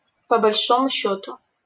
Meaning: generally (without reference to specific details)
- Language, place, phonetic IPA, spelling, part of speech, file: Russian, Saint Petersburg, [pə‿bɐlʲˈʂomʊ ˈɕːɵtʊ], по большому счёту, adverb, LL-Q7737 (rus)-по большому счёту.wav